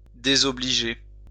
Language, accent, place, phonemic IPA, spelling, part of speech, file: French, France, Lyon, /de.zɔ.bli.ʒe/, désobliger, verb, LL-Q150 (fra)-désobliger.wav
- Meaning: to offend, to disparage, to humiliate